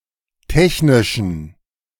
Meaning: inflection of technisch: 1. strong genitive masculine/neuter singular 2. weak/mixed genitive/dative all-gender singular 3. strong/weak/mixed accusative masculine singular 4. strong dative plural
- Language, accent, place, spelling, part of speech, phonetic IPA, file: German, Germany, Berlin, technischen, adjective, [ˈtɛçnɪʃn̩], De-technischen.ogg